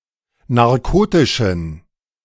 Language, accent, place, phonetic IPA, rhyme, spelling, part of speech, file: German, Germany, Berlin, [naʁˈkoːtɪʃn̩], -oːtɪʃn̩, narkotischen, adjective, De-narkotischen.ogg
- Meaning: inflection of narkotisch: 1. strong genitive masculine/neuter singular 2. weak/mixed genitive/dative all-gender singular 3. strong/weak/mixed accusative masculine singular 4. strong dative plural